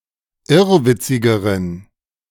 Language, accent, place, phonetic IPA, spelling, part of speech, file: German, Germany, Berlin, [ˈɪʁvɪt͡sɪɡəʁən], irrwitzigeren, adjective, De-irrwitzigeren.ogg
- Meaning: inflection of irrwitzig: 1. strong genitive masculine/neuter singular comparative degree 2. weak/mixed genitive/dative all-gender singular comparative degree